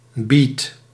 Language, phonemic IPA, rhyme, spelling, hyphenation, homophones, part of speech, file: Dutch, /bit/, -it, beat, beat, bied / biedt / biet, noun, Nl-beat.ogg
- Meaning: 1. a beat, a rhythmic pattern, notably in music 2. beat an early rock genre